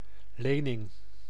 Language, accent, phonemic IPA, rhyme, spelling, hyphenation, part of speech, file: Dutch, Netherlands, /ˈleː.nɪŋ/, -eːnɪŋ, lening, le‧ning, noun, Nl-lening.ogg
- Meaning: a loan, credit